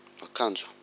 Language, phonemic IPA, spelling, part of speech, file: Malagasy, /akaⁿd͡zʷ/, akanjo, noun, Mg-akanjo.ogg
- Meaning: clothing